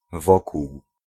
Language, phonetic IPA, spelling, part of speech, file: Polish, [ˈvɔkuw], wokół, preposition, Pl-wokół.ogg